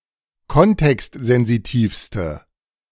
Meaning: inflection of kontextsensitiv: 1. strong/mixed nominative/accusative feminine singular superlative degree 2. strong nominative/accusative plural superlative degree
- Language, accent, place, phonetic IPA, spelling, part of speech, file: German, Germany, Berlin, [ˈkɔntɛkstzɛnziˌtiːfstə], kontextsensitivste, adjective, De-kontextsensitivste.ogg